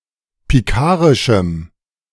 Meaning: strong dative masculine/neuter singular of pikarisch
- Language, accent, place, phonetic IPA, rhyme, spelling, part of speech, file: German, Germany, Berlin, [piˈkaːʁɪʃm̩], -aːʁɪʃm̩, pikarischem, adjective, De-pikarischem.ogg